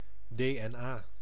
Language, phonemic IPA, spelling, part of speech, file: Dutch, /deː.ɛnˈaː/, DNA, noun / proper noun, Nl-DNA.ogg
- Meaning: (noun) initialism of desoxyribonucleïnezuur (“deoxyribonucleic acid”); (proper noun) National Assembly of Suriname